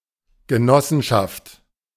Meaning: cooperative
- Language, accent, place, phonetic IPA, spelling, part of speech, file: German, Germany, Berlin, [ɡəˈnɔsn̩ʃaft], Genossenschaft, noun, De-Genossenschaft.ogg